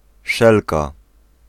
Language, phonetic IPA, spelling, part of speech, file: Polish, [ˈʃɛlka], szelka, noun, Pl-szelka.ogg